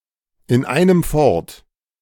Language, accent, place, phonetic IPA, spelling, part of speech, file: German, Germany, Berlin, [ɪn ˌaɪ̯nəm ˈfɔʁt], in einem fort, phrase, De-in einem fort.ogg
- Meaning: incessantly